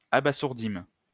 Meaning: first-person plural past historic of abasourdir
- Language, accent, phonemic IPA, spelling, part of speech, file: French, France, /a.ba.zuʁ.dim/, abasourdîmes, verb, LL-Q150 (fra)-abasourdîmes.wav